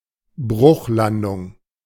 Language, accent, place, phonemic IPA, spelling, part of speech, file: German, Germany, Berlin, /ˈbʁʊxˌlandʊŋ/, Bruchlandung, noun, De-Bruchlandung.ogg
- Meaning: crash landing